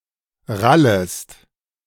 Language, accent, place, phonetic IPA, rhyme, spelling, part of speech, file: German, Germany, Berlin, [ˈʁaləst], -aləst, rallest, verb, De-rallest.ogg
- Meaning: second-person singular subjunctive I of rallen